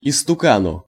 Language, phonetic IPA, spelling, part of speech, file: Russian, [ɪstʊˈkanʊ], истукану, noun, Ru-истукану.ogg
- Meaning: dative singular of истука́н (istukán)